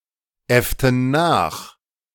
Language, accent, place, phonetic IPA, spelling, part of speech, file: German, Germany, Berlin, [ˌɛftn̩ ˈnaːx], äfften nach, verb, De-äfften nach.ogg
- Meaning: inflection of nachäffen: 1. first/third-person plural preterite 2. first/third-person plural subjunctive II